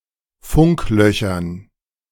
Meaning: dative plural of Funkloch
- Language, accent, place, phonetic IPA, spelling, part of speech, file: German, Germany, Berlin, [ˈfʊŋkˌlœçɐn], Funklöchern, noun, De-Funklöchern.ogg